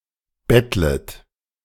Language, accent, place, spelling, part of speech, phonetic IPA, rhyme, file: German, Germany, Berlin, bettlet, verb, [ˈbɛtlət], -ɛtlət, De-bettlet.ogg
- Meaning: second-person plural subjunctive I of betteln